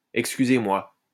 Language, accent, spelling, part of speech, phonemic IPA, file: French, France, excusez-moi, interjection, /ɛk.sky.ze.mwa/, LL-Q150 (fra)-excusez-moi.wav
- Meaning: excuse me